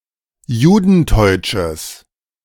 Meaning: strong/mixed nominative/accusative neuter singular of judenteutsch
- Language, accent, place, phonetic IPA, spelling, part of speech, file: German, Germany, Berlin, [ˈjuːdn̩ˌtɔɪ̯t͡ʃəs], judenteutsches, adjective, De-judenteutsches.ogg